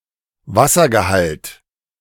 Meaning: water content
- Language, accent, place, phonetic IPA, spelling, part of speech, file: German, Germany, Berlin, [ˈvasɐɡəˌhalt], Wassergehalt, noun, De-Wassergehalt.ogg